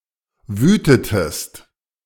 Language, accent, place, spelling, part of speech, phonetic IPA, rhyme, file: German, Germany, Berlin, wütetest, verb, [ˈvyːtətəst], -yːtətəst, De-wütetest.ogg
- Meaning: inflection of wüten: 1. second-person singular preterite 2. second-person singular subjunctive II